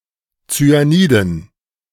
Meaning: dative plural of Zyanid
- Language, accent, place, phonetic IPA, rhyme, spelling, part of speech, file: German, Germany, Berlin, [t͡syaˈniːdn̩], -iːdn̩, Zyaniden, noun, De-Zyaniden.ogg